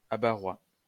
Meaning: of Abbaretz
- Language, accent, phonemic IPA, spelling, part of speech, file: French, France, /a.ba.ʁwa/, abbarois, adjective, LL-Q150 (fra)-abbarois.wav